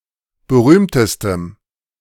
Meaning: strong dative masculine/neuter singular superlative degree of berühmt
- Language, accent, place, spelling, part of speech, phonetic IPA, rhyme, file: German, Germany, Berlin, berühmtestem, adjective, [bəˈʁyːmtəstəm], -yːmtəstəm, De-berühmtestem.ogg